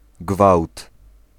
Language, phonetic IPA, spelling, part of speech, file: Polish, [ɡvawt], gwałt, noun, Pl-gwałt.ogg